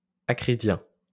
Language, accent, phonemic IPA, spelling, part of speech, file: French, France, /a.kʁi.djɛ̃/, acridien, adjective / noun, LL-Q150 (fra)-acridien.wav
- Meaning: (adjective) acridian